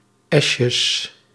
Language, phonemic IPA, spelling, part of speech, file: Dutch, /ˈɛʃəs/, esjes, noun, Nl-esjes.ogg
- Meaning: plural of esje